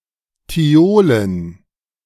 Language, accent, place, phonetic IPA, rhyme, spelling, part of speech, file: German, Germany, Berlin, [tiˈoːlən], -oːlən, Thiolen, noun, De-Thiolen.ogg
- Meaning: dative plural of Thiol